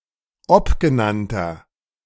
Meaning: inflection of obgenannt: 1. strong/mixed nominative masculine singular 2. strong genitive/dative feminine singular 3. strong genitive plural
- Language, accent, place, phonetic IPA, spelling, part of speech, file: German, Germany, Berlin, [ˈɔpɡəˌnantɐ], obgenannter, adjective, De-obgenannter.ogg